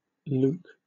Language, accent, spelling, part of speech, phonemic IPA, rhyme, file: English, Southern England, Luke, proper noun, /luːk/, -uːk, LL-Q1860 (eng)-Luke.wav
- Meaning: 1. A male given name 2. Luke the Evangelist, an early Christian credited with the authorship of the Gospel of Luke and the Acts of the Apostles